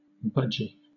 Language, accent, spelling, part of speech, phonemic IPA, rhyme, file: English, Southern England, budgie, noun, /ˈbʌd͡ʒi/, -ʌdʒi, LL-Q1860 (eng)-budgie.wav
- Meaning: A budgerigar